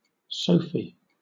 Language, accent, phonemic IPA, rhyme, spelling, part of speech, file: English, Southern England, /ˈsəʊfi/, -əʊfi, Sophie, proper noun, LL-Q1860 (eng)-Sophie.wav
- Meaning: 1. A female given name from French Sophie, equivalent to English Sophia of Ancient Greek origin 2. A diminutive of the female given name Sophia 3. A village in Ouest department, Haiti